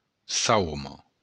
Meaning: she-ass, jenny-ass
- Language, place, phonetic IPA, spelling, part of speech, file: Occitan, Béarn, [ˈsawmo], sauma, noun, LL-Q14185 (oci)-sauma.wav